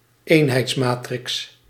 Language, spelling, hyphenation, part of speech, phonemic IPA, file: Dutch, eenheidsmatrix, een‧heids‧ma‧trix, noun, /ˈeːn.ɦɛi̯tsˌmaː.trɪks/, Nl-eenheidsmatrix.ogg
- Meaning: identity matrix, unit matrix